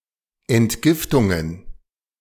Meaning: plural of Entgiftung
- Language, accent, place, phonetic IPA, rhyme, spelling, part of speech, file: German, Germany, Berlin, [ɛntˈɡɪftʊŋən], -ɪftʊŋən, Entgiftungen, noun, De-Entgiftungen.ogg